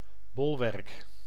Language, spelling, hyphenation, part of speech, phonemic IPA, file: Dutch, bolwerk, bol‧werk, noun / verb, /ˈbɔl.ʋɛrk/, Nl-bolwerk.ogg
- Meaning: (noun) bastion, bulwark (fortification, small fort); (verb) inflection of bolwerken: 1. first-person singular present indicative 2. second-person singular present indicative 3. imperative